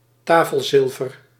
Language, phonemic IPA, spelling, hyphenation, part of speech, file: Dutch, /ˈtaː.fəlˌzɪl.vər/, tafelzilver, ta‧fel‧zil‧ver, noun, Nl-tafelzilver.ogg
- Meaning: table silver (silver tableware)